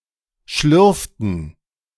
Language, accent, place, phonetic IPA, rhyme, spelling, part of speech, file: German, Germany, Berlin, [ˈʃlʏʁftn̩], -ʏʁftn̩, schlürften, verb, De-schlürften.ogg
- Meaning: inflection of schlürfen: 1. first/third-person plural preterite 2. first/third-person plural subjunctive II